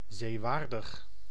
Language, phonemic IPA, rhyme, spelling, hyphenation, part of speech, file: Dutch, /ˌzeːˈʋaːr.dəx/, -aːrdəx, zeewaardig, zee‧waar‧dig, adjective, Nl-zeewaardig.ogg
- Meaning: seaworthy